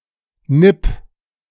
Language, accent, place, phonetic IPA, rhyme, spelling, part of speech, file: German, Germany, Berlin, [nɪp], -ɪp, nipp, verb, De-nipp.ogg
- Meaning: 1. singular imperative of nippen 2. first-person singular present of nippen